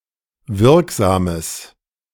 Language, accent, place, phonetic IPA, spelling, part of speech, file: German, Germany, Berlin, [ˈvɪʁkˌzaːməs], wirksames, adjective, De-wirksames.ogg
- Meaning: strong/mixed nominative/accusative neuter singular of wirksam